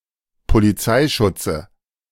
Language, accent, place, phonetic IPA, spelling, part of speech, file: German, Germany, Berlin, [poliˈt͡saɪ̯ˌʃʊt͡sə], Polizeischutze, noun, De-Polizeischutze.ogg
- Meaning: dative of Polizeischutz